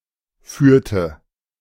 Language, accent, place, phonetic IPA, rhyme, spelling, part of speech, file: German, Germany, Berlin, [ˈfyːɐ̯tə], -yːɐ̯tə, führte, verb, De-führte.ogg
- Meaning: inflection of führen: 1. first/third-person singular preterite 2. first/third-person singular subjunctive II